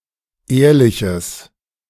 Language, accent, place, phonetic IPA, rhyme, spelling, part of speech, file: German, Germany, Berlin, [ˈeːɐ̯lɪçəs], -eːɐ̯lɪçəs, ehrliches, adjective, De-ehrliches.ogg
- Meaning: strong/mixed nominative/accusative neuter singular of ehrlich